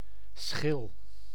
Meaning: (noun) 1. peel, rind, skin, bark 2. crust (soil) 3. shell (egg or mollusc) 4. slice 5. membrane covering the eye; used figuratively in the absolute plural (de schillen) for (mental) blindness
- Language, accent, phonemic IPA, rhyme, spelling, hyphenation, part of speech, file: Dutch, Netherlands, /sxɪl/, -ɪl, schil, schil, noun / verb, Nl-schil.ogg